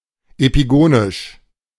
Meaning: epigonal
- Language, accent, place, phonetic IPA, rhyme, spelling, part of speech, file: German, Germany, Berlin, [epiˈɡoːnɪʃ], -oːnɪʃ, epigonisch, adjective, De-epigonisch.ogg